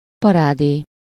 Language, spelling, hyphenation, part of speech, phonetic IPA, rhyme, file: Hungarian, parádé, pa‧rá‧dé, noun, [ˈpɒraːdeː], -deː, Hu-parádé.ogg
- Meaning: parade (organized procession)